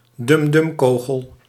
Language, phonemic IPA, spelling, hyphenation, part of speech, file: Dutch, /dʏmˈdʏmˌkoː.ɣəl/, dumdumkogel, dum‧dum‧ko‧gel, noun, Nl-dumdumkogel.ogg
- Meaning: expanding bullet, dum dum bullet